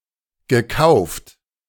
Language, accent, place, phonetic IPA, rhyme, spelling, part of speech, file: German, Germany, Berlin, [ɡəˈkaʊ̯ft], -aʊ̯ft, gekauft, verb, De-gekauft.ogg
- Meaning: past participle of kaufen